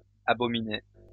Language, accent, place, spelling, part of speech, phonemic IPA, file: French, France, Lyon, abominais, verb, /a.bɔ.mi.nɛ/, LL-Q150 (fra)-abominais.wav
- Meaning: first/second-person singular imperfect indicative of abominer